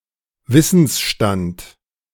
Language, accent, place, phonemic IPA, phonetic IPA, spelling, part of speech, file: German, Germany, Berlin, /ˈvɪsənsʃtant/, [ˈvɪsn̩sʃtant], Wissensstand, noun, De-Wissensstand.ogg
- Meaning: standard of knowledge